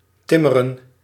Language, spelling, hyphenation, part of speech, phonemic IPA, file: Dutch, timmeren, tim‧me‧ren, verb, /ˈtɪ.mə.rə(n)/, Nl-timmeren.ogg
- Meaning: 1. to perform carpentry, to build, to construct 2. to hammer